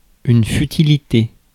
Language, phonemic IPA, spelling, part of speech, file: French, /fy.ti.li.te/, futilité, noun, Fr-futilité.ogg
- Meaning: futility